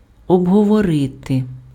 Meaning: to discuss, to debate, to talk over
- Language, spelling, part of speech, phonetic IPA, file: Ukrainian, обговорити, verb, [ɔbɦɔwɔˈrɪte], Uk-обговорити.ogg